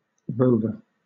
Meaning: One who roves: a person or animal that travels around, especially over a wide area, without a fixed destination; a nomad, a roamer, a wanderer
- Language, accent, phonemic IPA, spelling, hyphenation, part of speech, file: English, Southern England, /ˈɹəʊvə/, rover, rov‧er, noun, LL-Q1860 (eng)-rover.wav